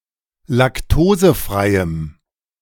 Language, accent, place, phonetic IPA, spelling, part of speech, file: German, Germany, Berlin, [lakˈtoːzəˌfʁaɪ̯əm], laktosefreiem, adjective, De-laktosefreiem.ogg
- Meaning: strong dative masculine/neuter singular of laktosefrei